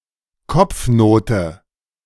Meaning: 1. (general) conduct (grade obtained at school) 2. top note, head note
- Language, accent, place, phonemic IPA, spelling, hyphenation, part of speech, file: German, Germany, Berlin, /ˈkɔpfnoːtə/, Kopfnote, Kopf‧no‧te, noun, De-Kopfnote.ogg